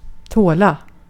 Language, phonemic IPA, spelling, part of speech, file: Swedish, /²toːla/, tåla, verb, Sv-tåla.ogg
- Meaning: to be able to tolerate, to stand, to bear, to endure (without becoming angry, sick, or sad or giving up or the like)